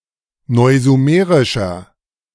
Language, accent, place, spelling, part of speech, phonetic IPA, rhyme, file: German, Germany, Berlin, neusumerischer, adjective, [ˌnɔɪ̯zuˈmeːʁɪʃɐ], -eːʁɪʃɐ, De-neusumerischer.ogg
- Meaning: 1. comparative degree of neusumerisch 2. inflection of neusumerisch: strong/mixed nominative masculine singular 3. inflection of neusumerisch: strong genitive/dative feminine singular